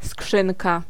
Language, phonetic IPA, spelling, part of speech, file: Polish, [ˈskʃɨ̃nka], skrzynka, noun, Pl-skrzynka.ogg